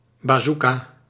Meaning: bazooka (antitank weapon)
- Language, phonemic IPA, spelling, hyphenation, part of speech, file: Dutch, /ˌbaːˈzu.kaː/, bazooka, ba‧zoo‧ka, noun, Nl-bazooka.ogg